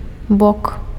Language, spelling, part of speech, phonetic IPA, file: Belarusian, бок, noun, [bok], Be-бок.ogg
- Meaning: 1. side 2. flank, side of the torso 3. slope (of a roof)